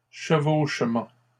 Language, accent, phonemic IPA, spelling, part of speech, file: French, Canada, /ʃə.voʃ.mɑ̃/, chevauchement, noun, LL-Q150 (fra)-chevauchement.wav
- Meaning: overlap